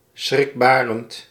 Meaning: frightening, worrying, terrifying
- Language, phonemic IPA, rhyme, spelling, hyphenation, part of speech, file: Dutch, /ˌsxrɪkˈbaː.rənt/, -aːrənt, schrikbarend, schrik‧ba‧rend, adjective, Nl-schrikbarend.ogg